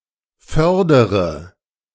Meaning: inflection of fördern: 1. first-person singular present 2. first/third-person singular subjunctive I 3. singular imperative
- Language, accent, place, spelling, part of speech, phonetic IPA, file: German, Germany, Berlin, fördere, verb, [ˈfœʁdəʁə], De-fördere.ogg